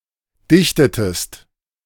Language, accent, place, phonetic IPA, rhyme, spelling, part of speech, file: German, Germany, Berlin, [ˈdɪçtətəst], -ɪçtətəst, dichtetest, verb, De-dichtetest.ogg
- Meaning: inflection of dichten: 1. second-person singular preterite 2. second-person singular subjunctive II